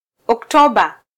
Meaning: October
- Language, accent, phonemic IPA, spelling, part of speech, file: Swahili, Kenya, /ɔkˈtɔ.ɓɑ/, Oktoba, proper noun, Sw-ke-Oktoba.flac